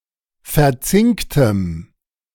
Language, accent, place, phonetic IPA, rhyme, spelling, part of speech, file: German, Germany, Berlin, [fɛɐ̯ˈt͡sɪŋktəm], -ɪŋktəm, verzinktem, adjective, De-verzinktem.ogg
- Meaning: strong dative masculine/neuter singular of verzinkt